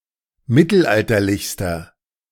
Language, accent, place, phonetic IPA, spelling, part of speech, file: German, Germany, Berlin, [ˈmɪtl̩ˌʔaltɐlɪçstɐ], mittelalterlichster, adjective, De-mittelalterlichster.ogg
- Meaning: inflection of mittelalterlich: 1. strong/mixed nominative masculine singular superlative degree 2. strong genitive/dative feminine singular superlative degree